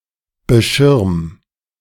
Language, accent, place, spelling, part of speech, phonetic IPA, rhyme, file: German, Germany, Berlin, beschirm, verb, [bəˈʃɪʁm], -ɪʁm, De-beschirm.ogg
- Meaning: 1. singular imperative of beschirmen 2. first-person singular present of beschirmen